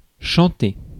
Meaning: 1. to sing 2. to crow
- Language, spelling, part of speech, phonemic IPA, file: French, chanter, verb, /ʃɑ̃.te/, Fr-chanter.ogg